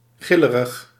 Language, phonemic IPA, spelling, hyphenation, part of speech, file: Dutch, /ˈɣɪ.lə.rəx/, gillerig, gil‧le‧rig, adjective, Nl-gillerig.ogg
- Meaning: prone to shrieking or screaming